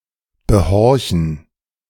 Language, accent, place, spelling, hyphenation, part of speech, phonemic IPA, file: German, Germany, Berlin, behorchen, be‧hor‧chen, verb, /bəˈhɔʁçn̩/, De-behorchen.ogg
- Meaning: 1. to eavesdrop 2. to auscultate